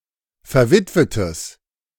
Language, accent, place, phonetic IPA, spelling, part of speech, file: German, Germany, Berlin, [fɛɐ̯ˈvɪtvətəs], verwitwetes, adjective, De-verwitwetes.ogg
- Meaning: strong/mixed nominative/accusative neuter singular of verwitwet